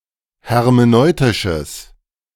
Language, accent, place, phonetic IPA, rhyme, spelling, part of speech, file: German, Germany, Berlin, [hɛʁmeˈnɔɪ̯tɪʃəs], -ɔɪ̯tɪʃəs, hermeneutisches, adjective, De-hermeneutisches.ogg
- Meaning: strong/mixed nominative/accusative neuter singular of hermeneutisch